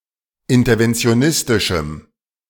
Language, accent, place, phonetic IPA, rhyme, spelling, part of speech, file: German, Germany, Berlin, [ˌɪntɐvɛnt͡si̯oˈnɪstɪʃm̩], -ɪstɪʃm̩, interventionistischem, adjective, De-interventionistischem.ogg
- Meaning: strong dative masculine/neuter singular of interventionistisch